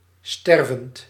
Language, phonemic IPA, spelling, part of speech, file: Dutch, /ˈstɛrvənt/, stervend, adjective / verb, Nl-stervend.ogg
- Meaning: present participle of sterven